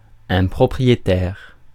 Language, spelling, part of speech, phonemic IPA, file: French, propriétaire, noun / adjective, /pʁɔ.pʁi.je.tɛʁ/, Fr-propriétaire.ogg
- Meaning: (noun) 1. owner (one who owns something) 2. owner (one who owns something): property owner, landlord; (adjective) proprietary